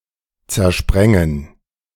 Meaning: to scatter, disperse
- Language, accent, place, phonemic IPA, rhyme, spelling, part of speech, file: German, Germany, Berlin, /t͡sɛʁˈʃpʁɛŋən/, -ɛŋən, zersprengen, verb, De-zersprengen.ogg